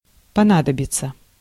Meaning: 1. to need, to be needed, to become necessary 2. to come in handy
- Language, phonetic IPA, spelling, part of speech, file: Russian, [pɐˈnadəbʲɪt͡sə], понадобиться, verb, Ru-понадобиться.ogg